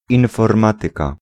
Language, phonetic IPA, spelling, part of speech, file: Polish, [ˌĩnfɔrˈmatɨka], informatyka, noun, Pl-informatyka.ogg